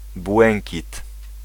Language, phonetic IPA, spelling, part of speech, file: Polish, [ˈbwɛ̃ŋʲcit], błękit, noun, Pl-błękit.ogg